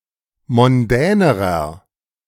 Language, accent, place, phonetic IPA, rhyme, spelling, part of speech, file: German, Germany, Berlin, [mɔnˈdɛːnəʁɐ], -ɛːnəʁɐ, mondänerer, adjective, De-mondänerer.ogg
- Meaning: inflection of mondän: 1. strong/mixed nominative masculine singular comparative degree 2. strong genitive/dative feminine singular comparative degree 3. strong genitive plural comparative degree